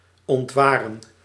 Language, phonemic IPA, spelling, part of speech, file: Dutch, /ɔntˈʋaːrə(n)/, ontwaren, verb, Nl-ontwaren.ogg
- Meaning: to discern, perceive